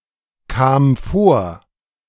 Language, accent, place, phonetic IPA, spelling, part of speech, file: German, Germany, Berlin, [ˌkaːm ˈfoːɐ̯], kam vor, verb, De-kam vor.ogg
- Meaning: first/third-person singular preterite of vorkommen